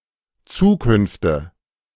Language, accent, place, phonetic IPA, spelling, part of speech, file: German, Germany, Berlin, [ˈt͡suːˌkʏnftə], Zukünfte, noun, De-Zukünfte.ogg
- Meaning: nominative/accusative/genitive plural of Zukunft